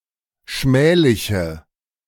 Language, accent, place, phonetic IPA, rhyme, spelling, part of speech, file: German, Germany, Berlin, [ˈʃmɛːlɪçə], -ɛːlɪçə, schmähliche, adjective, De-schmähliche.ogg
- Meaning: inflection of schmählich: 1. strong/mixed nominative/accusative feminine singular 2. strong nominative/accusative plural 3. weak nominative all-gender singular